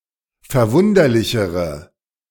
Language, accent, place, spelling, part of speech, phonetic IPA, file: German, Germany, Berlin, verwunderlichere, adjective, [fɛɐ̯ˈvʊndɐlɪçəʁə], De-verwunderlichere.ogg
- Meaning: inflection of verwunderlich: 1. strong/mixed nominative/accusative feminine singular comparative degree 2. strong nominative/accusative plural comparative degree